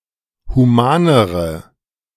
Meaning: inflection of human: 1. strong/mixed nominative/accusative feminine singular comparative degree 2. strong nominative/accusative plural comparative degree
- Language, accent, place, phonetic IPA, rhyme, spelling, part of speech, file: German, Germany, Berlin, [huˈmaːnəʁə], -aːnəʁə, humanere, adjective, De-humanere.ogg